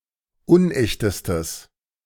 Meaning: strong/mixed nominative/accusative neuter singular superlative degree of unecht
- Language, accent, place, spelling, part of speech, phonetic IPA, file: German, Germany, Berlin, unechtestes, adjective, [ˈʊnˌʔɛçtəstəs], De-unechtestes.ogg